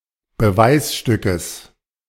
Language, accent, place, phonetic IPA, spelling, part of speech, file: German, Germany, Berlin, [bəˈvaɪ̯sˌʃtʏkəs], Beweisstückes, noun, De-Beweisstückes.ogg
- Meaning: genitive singular of Beweisstück